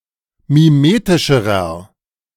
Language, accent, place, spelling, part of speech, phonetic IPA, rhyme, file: German, Germany, Berlin, mimetischerer, adjective, [miˈmeːtɪʃəʁɐ], -eːtɪʃəʁɐ, De-mimetischerer.ogg
- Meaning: inflection of mimetisch: 1. strong/mixed nominative masculine singular comparative degree 2. strong genitive/dative feminine singular comparative degree 3. strong genitive plural comparative degree